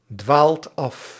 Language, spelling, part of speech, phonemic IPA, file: Dutch, dwaalt af, verb, /ˈdwalt ˈɑf/, Nl-dwaalt af.ogg
- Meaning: inflection of afdwalen: 1. second/third-person singular present indicative 2. plural imperative